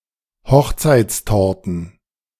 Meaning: plural of Hochzeitstorte
- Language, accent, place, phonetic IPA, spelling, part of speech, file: German, Germany, Berlin, [ˈhɔxt͡saɪ̯t͡stɔʁtən], Hochzeitstorten, noun, De-Hochzeitstorten.ogg